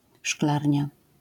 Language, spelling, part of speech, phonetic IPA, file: Polish, szklarnia, noun, [ˈʃklarʲɲa], LL-Q809 (pol)-szklarnia.wav